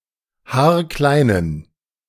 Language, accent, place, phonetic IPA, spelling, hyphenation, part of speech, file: German, Germany, Berlin, [ˈhaːɐ̯ˈklaɪ̯nən], haarkleinen, haar‧klei‧nen, adjective, De-haarkleinen.ogg
- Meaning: inflection of haarklein: 1. strong genitive masculine/neuter singular 2. weak/mixed genitive/dative all-gender singular 3. strong/weak/mixed accusative masculine singular 4. strong dative plural